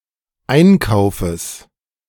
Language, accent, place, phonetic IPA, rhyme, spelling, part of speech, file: German, Germany, Berlin, [ˈaɪ̯nˌkaʊ̯fəs], -aɪ̯nkaʊ̯fəs, Einkaufes, noun, De-Einkaufes.ogg
- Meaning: genitive singular of Einkauf